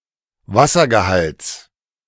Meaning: genitive singular of Wassergehalt
- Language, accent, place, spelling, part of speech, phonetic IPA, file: German, Germany, Berlin, Wassergehalts, noun, [ˈvasɐɡəˌhalt͡s], De-Wassergehalts.ogg